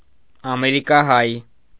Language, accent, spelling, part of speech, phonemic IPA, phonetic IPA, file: Armenian, Eastern Armenian, ամերիկահայ, noun / adjective, /ɑmeɾikɑˈhɑj/, [ɑmeɾikɑhɑ́j], Hy-ամերիկահայ.ogg
- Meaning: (noun) American Armenian; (adjective) American-Armenian